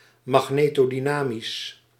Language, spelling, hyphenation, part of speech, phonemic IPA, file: Dutch, magnetodynamisch, mag‧ne‧to‧dy‧na‧misch, adjective, /mɑxˌneː.toː.diˈnaː.mis/, Nl-magnetodynamisch.ogg
- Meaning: magnetodynamic